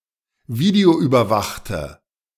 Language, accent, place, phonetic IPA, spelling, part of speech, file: German, Germany, Berlin, [ˈviːdeoʔyːbɐˌvaxtə], videoüberwachte, adjective, De-videoüberwachte.ogg
- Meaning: inflection of videoüberwacht: 1. strong/mixed nominative/accusative feminine singular 2. strong nominative/accusative plural 3. weak nominative all-gender singular